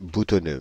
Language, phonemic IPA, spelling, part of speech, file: French, /bu.tɔ.nø/, boutonneux, adjective, Fr-boutonneux.ogg
- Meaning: 1. spotty 2. pimpled